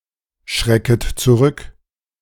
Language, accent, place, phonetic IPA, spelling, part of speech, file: German, Germany, Berlin, [ˌʃʁɛkət t͡suˈʁʏk], schrecket zurück, verb, De-schrecket zurück.ogg
- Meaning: second-person plural subjunctive I of zurückschrecken